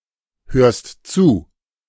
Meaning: second-person singular present of zuhören
- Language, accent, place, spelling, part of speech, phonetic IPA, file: German, Germany, Berlin, hörst zu, verb, [ˌhøːɐ̯st ˈt͡suː], De-hörst zu.ogg